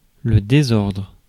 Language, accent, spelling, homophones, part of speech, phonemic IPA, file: French, France, désordre, désordres, noun, /de.zɔʁdʁ/, Fr-désordre.ogg
- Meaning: 1. disorder, chaos 2. mess